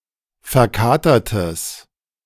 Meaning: strong/mixed nominative/accusative neuter singular of verkatert
- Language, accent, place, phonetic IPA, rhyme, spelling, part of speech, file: German, Germany, Berlin, [fɛɐ̯ˈkaːtɐtəs], -aːtɐtəs, verkatertes, adjective, De-verkatertes.ogg